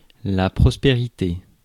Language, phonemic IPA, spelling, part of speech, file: French, /pʁɔs.pe.ʁi.te/, prospérité, noun, Fr-prospérité.ogg
- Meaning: prosperity